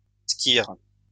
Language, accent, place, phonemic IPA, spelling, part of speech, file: French, France, Lyon, /skiʁ/, squirre, noun, LL-Q150 (fra)-squirre.wav
- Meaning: alternative spelling of squirrhe